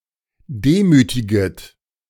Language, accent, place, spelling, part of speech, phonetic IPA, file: German, Germany, Berlin, demütiget, verb, [ˈdeːˌmyːtɪɡət], De-demütiget.ogg
- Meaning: second-person plural subjunctive I of demütigen